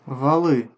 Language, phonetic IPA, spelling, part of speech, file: Russian, [vɐˈɫɨ], валы, noun, Ru-валы.ogg
- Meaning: nominative/accusative plural of вал (val)